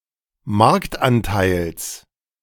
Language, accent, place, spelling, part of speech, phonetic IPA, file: German, Germany, Berlin, Marktanteils, noun, [ˈmaʁktʔanˌtaɪ̯ls], De-Marktanteils.ogg
- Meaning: genitive singular of Marktanteil